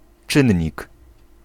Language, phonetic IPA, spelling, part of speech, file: Polish, [ˈt͡ʃɨ̃ɲːik], czynnik, noun, Pl-czynnik.ogg